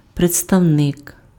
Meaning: representative
- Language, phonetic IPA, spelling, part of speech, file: Ukrainian, [pred͡zstɐu̯ˈnɪk], представник, noun, Uk-представник.ogg